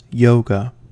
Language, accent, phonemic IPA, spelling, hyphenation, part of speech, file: English, US, /ˈjoʊ.ɡə/, yoga, yo‧ga, noun, En-us-yoga.ogg